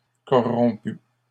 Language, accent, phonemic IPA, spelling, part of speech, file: French, Canada, /kɔ.ʁɔ̃.py/, corrompu, adjective / verb, LL-Q150 (fra)-corrompu.wav
- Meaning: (adjective) corrupt; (verb) past participle of corrompre